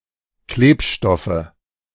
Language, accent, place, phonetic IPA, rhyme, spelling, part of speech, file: German, Germany, Berlin, [ˈkleːpˌʃtɔfə], -eːpʃtɔfə, Klebstoffe, noun, De-Klebstoffe.ogg
- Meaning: nominative/accusative/genitive plural of Klebstoff